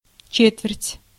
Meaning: 1. quarter, fourth 2. school term, quarter 3. quarter, phase (of the moon) 4. crotchet, quarter note
- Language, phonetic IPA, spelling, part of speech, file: Russian, [ˈt͡ɕetvʲɪrtʲ], четверть, noun, Ru-четверть.ogg